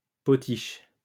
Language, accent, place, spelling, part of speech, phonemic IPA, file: French, France, Lyon, potiche, noun, /pɔ.tiʃ/, LL-Q150 (fra)-potiche.wav
- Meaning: 1. porcelain vase 2. figurehead (person); window dressing 3. trophy wife